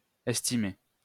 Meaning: obsolete form of estimer
- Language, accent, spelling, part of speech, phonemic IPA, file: French, France, æstimer, verb, /ɛs.ti.me/, LL-Q150 (fra)-æstimer.wav